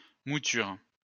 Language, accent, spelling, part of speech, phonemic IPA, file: French, France, mouture, noun, /mu.tyʁ/, LL-Q150 (fra)-mouture.wav
- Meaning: 1. grinding (usually cereals) 2. the fee charged for grinding 3. version, draft (of a document)